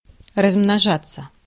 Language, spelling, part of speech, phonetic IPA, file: Russian, размножаться, verb, [rəzmnɐˈʐat͡sːə], Ru-размножаться.ogg
- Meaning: 1. to reproduce, to breed, to spawn, to propagate 2. to multiply 3. passive of размножа́ть (razmnožátʹ)